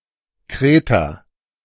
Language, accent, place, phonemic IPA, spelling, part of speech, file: German, Germany, Berlin, /ˈkʁeːta/, Kreta, proper noun, De-Kreta.ogg
- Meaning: Crete (an island and administrative region of Greece in the Mediterranean Sea)